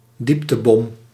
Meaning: depth charge
- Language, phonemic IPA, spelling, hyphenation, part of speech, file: Dutch, /ˈdip.təˌbɔm/, dieptebom, diep‧te‧bom, noun, Nl-dieptebom.ogg